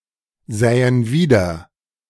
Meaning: first/third-person plural subjunctive II of wiedersehen
- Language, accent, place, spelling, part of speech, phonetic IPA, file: German, Germany, Berlin, sähen wieder, verb, [ˌzɛːən ˈviːdɐ], De-sähen wieder.ogg